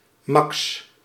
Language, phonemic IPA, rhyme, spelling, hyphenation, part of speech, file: Dutch, /mɑks/, -ɑks, Max, Max, proper noun, Nl-Max.ogg
- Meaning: a male given name